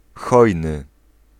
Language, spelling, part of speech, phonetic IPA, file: Polish, hojny, adjective, [ˈxɔjnɨ], Pl-hojny.ogg